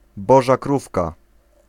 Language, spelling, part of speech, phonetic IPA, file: Polish, boża krówka, noun, [ˈbɔʒa ˈkrufka], Pl-boża krówka.ogg